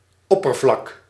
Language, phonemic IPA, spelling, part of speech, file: Dutch, /ˈɔpərvlɑk/, oppervlak, noun, Nl-oppervlak.ogg
- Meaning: surface